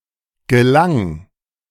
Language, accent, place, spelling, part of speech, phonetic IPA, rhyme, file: German, Germany, Berlin, gelang, verb, [ɡəˈlaŋ], -aŋ, De-gelang.ogg
- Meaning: 1. first/third-person singular preterite of gelingen 2. singular imperative of gelangen 3. first-person singular present of gelangen